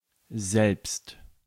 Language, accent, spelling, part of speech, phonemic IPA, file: German, Germany, selbst, particle / adverb, /zɛlpst/, De-selbst.ogg
- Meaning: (particle) personally, by oneself; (adverb) even